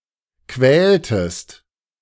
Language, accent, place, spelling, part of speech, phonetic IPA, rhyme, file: German, Germany, Berlin, quältest, verb, [ˈkvɛːltəst], -ɛːltəst, De-quältest.ogg
- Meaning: inflection of quälen: 1. second-person singular preterite 2. second-person singular subjunctive II